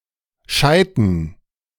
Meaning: dative plural of Scheit
- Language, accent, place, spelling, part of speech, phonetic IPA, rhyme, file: German, Germany, Berlin, Scheiten, noun, [ˈʃaɪ̯tn̩], -aɪ̯tn̩, De-Scheiten.ogg